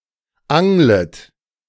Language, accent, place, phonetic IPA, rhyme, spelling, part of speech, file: German, Germany, Berlin, [ˈaŋlət], -aŋlət, anglet, verb, De-anglet.ogg
- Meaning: second-person plural subjunctive I of angeln